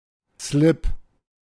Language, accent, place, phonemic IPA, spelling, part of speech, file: German, Germany, Berlin, /slɪp/, Slip, noun, De-Slip.ogg
- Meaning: a piece of underwear covering just the genitalia and buttocks: panties, knickers (for women); briefs (for men)